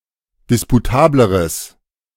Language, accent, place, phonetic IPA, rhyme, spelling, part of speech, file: German, Germany, Berlin, [ˌdɪspuˈtaːbləʁəs], -aːbləʁəs, disputableres, adjective, De-disputableres.ogg
- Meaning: strong/mixed nominative/accusative neuter singular comparative degree of disputabel